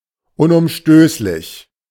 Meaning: unalterable; which cannot be overturned
- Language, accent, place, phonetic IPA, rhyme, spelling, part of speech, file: German, Germany, Berlin, [ʊnʔʊmˈʃtøːslɪç], -øːslɪç, unumstößlich, adverb, De-unumstößlich.ogg